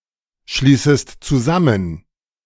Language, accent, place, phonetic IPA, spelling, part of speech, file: German, Germany, Berlin, [ˌʃliːsəst t͡suˈzamən], schließest zusammen, verb, De-schließest zusammen.ogg
- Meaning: second-person singular subjunctive I of zusammenschließen